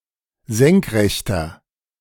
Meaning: inflection of senkrecht: 1. strong/mixed nominative masculine singular 2. strong genitive/dative feminine singular 3. strong genitive plural
- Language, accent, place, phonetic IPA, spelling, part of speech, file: German, Germany, Berlin, [ˈzɛŋkˌʁɛçtɐ], senkrechter, adjective, De-senkrechter.ogg